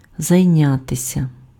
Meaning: 1. to be occupied, to keep oneself occupied, to keep oneself busy, to busy oneself (with), to be engaged (in) 2. to deal with (to take action with respect to) 3. to study
- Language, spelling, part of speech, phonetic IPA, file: Ukrainian, зайнятися, verb, [zɐi̯ˈnʲatesʲɐ], Uk-зайнятися.ogg